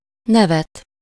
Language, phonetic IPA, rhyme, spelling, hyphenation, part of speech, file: Hungarian, [ˈnɛvɛt], -ɛt, nevet, ne‧vet, verb / noun, Hu-nevet.ogg
- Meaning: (verb) to laugh (at something or someone -n/-on/-en/-ön); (noun) accusative singular of név